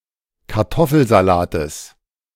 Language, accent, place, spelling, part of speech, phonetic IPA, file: German, Germany, Berlin, Kartoffelsalates, noun, [kaʁˈtɔfl̩zaˌlaːtəs], De-Kartoffelsalates.ogg
- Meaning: genitive singular of Kartoffelsalat